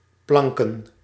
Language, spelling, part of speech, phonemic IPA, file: Dutch, planken, adjective / noun, /ˈplɑŋkə(n)/, Nl-planken.ogg
- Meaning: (adjective) made of plank(s) and/or board(s); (noun) plural of plank